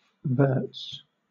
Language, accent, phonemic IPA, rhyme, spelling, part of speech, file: English, Southern England, /ˈvɜː(ɹ)ts/, -ɜː(ɹ)ts, verts, noun, LL-Q1860 (eng)-verts.wav
- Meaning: plural of vert